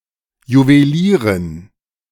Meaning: jeweler, jeweller (female)
- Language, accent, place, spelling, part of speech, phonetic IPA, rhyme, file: German, Germany, Berlin, Juwelierin, noun, [juveˈliːʁɪn], -iːʁɪn, De-Juwelierin.ogg